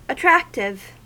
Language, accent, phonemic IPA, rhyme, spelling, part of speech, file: English, US, /əˈtɹæktɪv/, -æktɪv, attractive, adjective, En-us-attractive.ogg
- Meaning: 1. Causing attraction; having the quality of attracting by inherent force 2. Having the power of charming or alluring by agreeable qualities; enticing